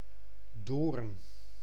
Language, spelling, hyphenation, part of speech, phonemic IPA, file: Dutch, Doorn, Doorn, proper noun, /doːrn/, Nl-Doorn.ogg
- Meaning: a village and former municipality of Utrechtse Heuvelrug, Utrecht, Netherlands